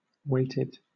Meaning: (verb) simple past and past participle of weight; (adjective) 1. Having weights on it 2. Biased, so as to favour one party 3. having values assigned to its edges
- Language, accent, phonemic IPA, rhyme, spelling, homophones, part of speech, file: English, Southern England, /ˈweɪ.tɪd/, -eɪtɪd, weighted, waited, verb / adjective, LL-Q1860 (eng)-weighted.wav